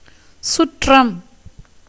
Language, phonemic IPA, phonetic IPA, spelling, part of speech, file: Tamil, /tʃʊrːɐm/, [sʊtrɐm], சுற்றம், noun, Ta-சுற்றம்.ogg
- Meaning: 1. kinsmen, relations, kith and kin 2. confidential servants of kings 3. friends, attendants; adherents 4. crowd, gathering